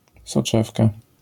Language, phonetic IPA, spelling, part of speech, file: Polish, [sɔˈt͡ʃɛfka], soczewka, noun, LL-Q809 (pol)-soczewka.wav